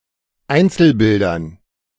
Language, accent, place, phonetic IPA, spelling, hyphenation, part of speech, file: German, Germany, Berlin, [ˈaɪ̯nt͡sl̩̩ˌbɪldɐn], Einzelbildern, Ein‧zel‧bil‧dern, noun, De-Einzelbildern.ogg
- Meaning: dative plural of Einzelbild